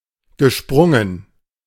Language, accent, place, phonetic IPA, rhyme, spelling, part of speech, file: German, Germany, Berlin, [ɡəˈʃpʁʊŋən], -ʊŋən, gesprungen, verb, De-gesprungen.ogg
- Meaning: past participle of springen